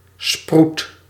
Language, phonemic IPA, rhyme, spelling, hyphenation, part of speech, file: Dutch, /sprut/, -ut, sproet, sproet, noun, Nl-sproet.ogg
- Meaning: a freckle